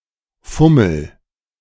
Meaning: inflection of fummeln: 1. first-person singular present 2. singular imperative
- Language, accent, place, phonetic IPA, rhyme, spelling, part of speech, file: German, Germany, Berlin, [ˈfʊml̩], -ʊml̩, fummel, verb, De-fummel.ogg